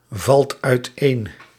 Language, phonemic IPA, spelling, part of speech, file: Dutch, /ˈvɑlt œytˈen/, valt uiteen, verb, Nl-valt uiteen.ogg
- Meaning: inflection of uiteenvallen: 1. second/third-person singular present indicative 2. plural imperative